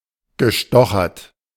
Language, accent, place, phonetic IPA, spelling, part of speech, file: German, Germany, Berlin, [ɡəˈʃtɔxɐt], gestochert, verb, De-gestochert.ogg
- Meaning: past participle of stochern